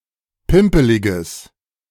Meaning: strong/mixed nominative/accusative neuter singular of pimpelig
- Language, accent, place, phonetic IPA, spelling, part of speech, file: German, Germany, Berlin, [ˈpɪmpəlɪɡəs], pimpeliges, adjective, De-pimpeliges.ogg